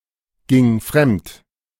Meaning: first/third-person singular preterite of fremdgehen
- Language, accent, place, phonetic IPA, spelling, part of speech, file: German, Germany, Berlin, [ˌɡɪŋ ˈfʁɛmt], ging fremd, verb, De-ging fremd.ogg